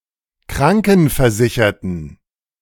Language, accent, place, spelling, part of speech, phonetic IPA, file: German, Germany, Berlin, krankenversicherten, adjective, [ˈkʁaŋkn̩fɛɐ̯ˌzɪçɐtn̩], De-krankenversicherten.ogg
- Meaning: inflection of krankenversichert: 1. strong genitive masculine/neuter singular 2. weak/mixed genitive/dative all-gender singular 3. strong/weak/mixed accusative masculine singular